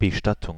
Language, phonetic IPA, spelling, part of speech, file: German, [bəˈʃtatʊŋ], Bestattung, noun, De-Bestattung.ogg
- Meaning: funeral (ceremony in honor of a deceased person)